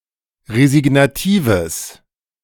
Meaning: strong/mixed nominative/accusative neuter singular of resignativ
- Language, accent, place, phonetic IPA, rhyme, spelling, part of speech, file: German, Germany, Berlin, [ʁezɪɡnaˈtiːvəs], -iːvəs, resignatives, adjective, De-resignatives.ogg